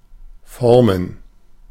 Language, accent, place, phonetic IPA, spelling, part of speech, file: German, Germany, Berlin, [ˈfɔʁmən], Formen, noun, De-Formen.ogg
- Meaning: plural of Form